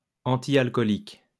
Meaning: temperance; antialcohol
- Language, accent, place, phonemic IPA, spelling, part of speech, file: French, France, Lyon, /ɑ̃.ti.al.kɔ.lik/, antialcoolique, adjective, LL-Q150 (fra)-antialcoolique.wav